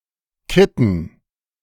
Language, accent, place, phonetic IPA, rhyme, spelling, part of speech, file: German, Germany, Berlin, [ˈkɪtn̩], -ɪtn̩, Kitten, noun, De-Kitten.ogg
- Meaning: dative plural of Kitt